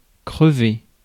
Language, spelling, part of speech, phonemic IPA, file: French, crever, verb, /kʁə.ve/, Fr-crever.ogg
- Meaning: 1. to pop, burst 2. to have a puncture 3. to snuff it, pop one's clogs; to die 4. to wear out, knacker